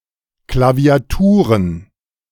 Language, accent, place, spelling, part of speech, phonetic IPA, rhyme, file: German, Germany, Berlin, Klaviaturen, noun, [klavi̯aˈtuːʁən], -uːʁən, De-Klaviaturen.ogg
- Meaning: plural of Klaviatur